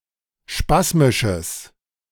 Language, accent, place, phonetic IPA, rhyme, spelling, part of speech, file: German, Germany, Berlin, [ˈʃpasmɪʃəs], -asmɪʃəs, spasmisches, adjective, De-spasmisches.ogg
- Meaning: strong/mixed nominative/accusative neuter singular of spasmisch